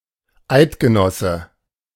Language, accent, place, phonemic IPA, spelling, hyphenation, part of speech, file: German, Germany, Berlin, /ˈaɪ̯tɡəˌnɔsə/, Eidgenosse, Eid‧ge‧nos‧se, noun, De-Eidgenosse.ogg
- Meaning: 1. confederate, ally, one who has a sworn alliance with another 2. Swiss (citizen of Switzerland), especially in case of jus sanguinis citizenship